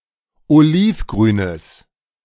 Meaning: strong/mixed nominative/accusative neuter singular of olivgrün
- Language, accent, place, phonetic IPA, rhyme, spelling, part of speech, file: German, Germany, Berlin, [oˈliːfˌɡʁyːnəs], -iːfɡʁyːnəs, olivgrünes, adjective, De-olivgrünes.ogg